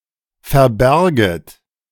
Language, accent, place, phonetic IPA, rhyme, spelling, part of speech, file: German, Germany, Berlin, [fɛɐ̯ˈbɛʁɡət], -ɛʁɡət, verberget, verb, De-verberget.ogg
- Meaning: second-person plural subjunctive I of verbergen